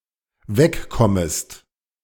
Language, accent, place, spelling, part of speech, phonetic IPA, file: German, Germany, Berlin, wegkommest, verb, [ˈvɛkˌkɔməst], De-wegkommest.ogg
- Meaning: second-person singular dependent subjunctive I of wegkommen